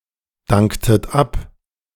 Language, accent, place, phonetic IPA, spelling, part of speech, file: German, Germany, Berlin, [ˌdaŋktət ˈap], danktet ab, verb, De-danktet ab.ogg
- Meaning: inflection of abdanken: 1. second-person plural preterite 2. second-person plural subjunctive II